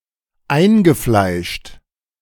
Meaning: inveterate, dyed-in-the-wool, ingrained, chronic
- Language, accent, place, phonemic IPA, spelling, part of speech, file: German, Germany, Berlin, /ˈaɪ̯nɡəˌflaɪ̯ʃt/, eingefleischt, adjective, De-eingefleischt.ogg